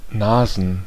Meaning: plural of Nase "noses"
- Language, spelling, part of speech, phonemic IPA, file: German, Nasen, noun, /ˈnaːzn/, De-Nasen.ogg